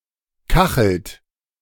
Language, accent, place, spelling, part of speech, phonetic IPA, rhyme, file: German, Germany, Berlin, kachelt, verb, [ˈkaxl̩t], -axl̩t, De-kachelt.ogg
- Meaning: inflection of kacheln: 1. second-person plural present 2. third-person singular present 3. plural imperative